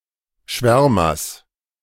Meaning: genitive singular of Schwärmer
- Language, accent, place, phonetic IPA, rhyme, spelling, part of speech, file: German, Germany, Berlin, [ˈʃvɛʁmɐs], -ɛʁmɐs, Schwärmers, noun, De-Schwärmers.ogg